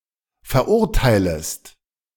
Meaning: second-person singular subjunctive I of verurteilen
- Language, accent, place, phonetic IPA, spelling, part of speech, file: German, Germany, Berlin, [fɛɐ̯ˈʔʊʁtaɪ̯ləst], verurteilest, verb, De-verurteilest.ogg